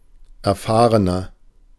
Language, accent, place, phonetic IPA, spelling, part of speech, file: German, Germany, Berlin, [ɛɐ̯ˈfaːʁənɐ], erfahrener, adjective, De-erfahrener.ogg
- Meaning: inflection of erfahren: 1. strong/mixed nominative masculine singular 2. strong genitive/dative feminine singular 3. strong genitive plural